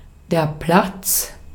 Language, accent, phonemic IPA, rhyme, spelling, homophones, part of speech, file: German, Austria, /plat͡s/, -ats, Platz, Platts / platz, noun / interjection, De-at-Platz.ogg
- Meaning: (noun) 1. square, plaza, piazza 2. circus 3. space, room 4. place, seat, spot, position (precise location someone or something occupies) 5. place, location, site (in general)